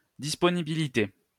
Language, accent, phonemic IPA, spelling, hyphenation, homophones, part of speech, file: French, France, /dis.pɔ.ni.bi.li.te/, disponibilité, dis‧po‧ni‧bi‧li‧té, disponibilités, noun, LL-Q150 (fra)-disponibilité.wav
- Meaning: 1. availability 2. readiness 3. willingness